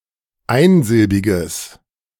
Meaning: strong/mixed nominative/accusative neuter singular of einsilbig
- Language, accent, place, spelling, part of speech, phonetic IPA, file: German, Germany, Berlin, einsilbiges, adjective, [ˈaɪ̯nˌzɪlbɪɡəs], De-einsilbiges.ogg